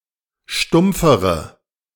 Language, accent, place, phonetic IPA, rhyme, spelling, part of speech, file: German, Germany, Berlin, [ˈʃtʊmp͡fəʁə], -ʊmp͡fəʁə, stumpfere, adjective, De-stumpfere.ogg
- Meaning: inflection of stumpf: 1. strong/mixed nominative/accusative feminine singular comparative degree 2. strong nominative/accusative plural comparative degree